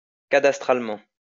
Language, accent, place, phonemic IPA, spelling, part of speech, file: French, France, Lyon, /ka.das.tʁal.mɑ̃/, cadastralement, adverb, LL-Q150 (fra)-cadastralement.wav
- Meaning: cadastrally